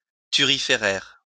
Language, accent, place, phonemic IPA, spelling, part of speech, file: French, France, Lyon, /ty.ʁi.fe.ʁɛʁ/, thuriféraire, noun, LL-Q150 (fra)-thuriféraire.wav
- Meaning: 1. thurifer (acolyte who carries a thurible) 2. sycophant